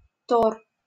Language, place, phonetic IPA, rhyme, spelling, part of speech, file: Russian, Saint Petersburg, [tor], -or, тор, noun, LL-Q7737 (rus)-тор.wav
- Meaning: tore, torus